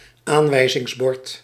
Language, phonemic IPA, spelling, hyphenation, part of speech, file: Dutch, /ˈaːn.ʋɛi̯.zɪŋsˌbɔrt/, aanwijzingsbord, aan‧wij‧zings‧bord, noun, Nl-aanwijzingsbord.ogg
- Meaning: notice sign